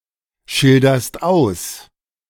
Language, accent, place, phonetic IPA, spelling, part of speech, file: German, Germany, Berlin, [ˌʃɪldɐst ˈaʊ̯s], schilderst aus, verb, De-schilderst aus.ogg
- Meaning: second-person singular present of ausschildern